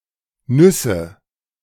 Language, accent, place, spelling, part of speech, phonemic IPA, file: German, Germany, Berlin, Nüsse, noun, /ˈnʏsə/, De-Nüsse.ogg
- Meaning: nominative/accusative/genitive plural of Nuss